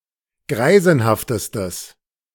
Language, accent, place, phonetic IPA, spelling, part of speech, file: German, Germany, Berlin, [ˈɡʁaɪ̯zn̩haftəstəs], greisenhaftestes, adjective, De-greisenhaftestes.ogg
- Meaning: strong/mixed nominative/accusative neuter singular superlative degree of greisenhaft